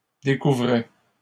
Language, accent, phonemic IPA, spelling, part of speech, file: French, Canada, /de.ku.vʁɛ/, découvraient, verb, LL-Q150 (fra)-découvraient.wav
- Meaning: third-person plural imperfect indicative of découvrir